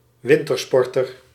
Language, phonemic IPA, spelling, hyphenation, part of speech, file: Dutch, /ˈʋɪn.tərˌspɔr.tər/, wintersporter, win‧ter‧spor‧ter, noun, Nl-wintersporter.ogg
- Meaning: a practitioner of (a) winter sport(s)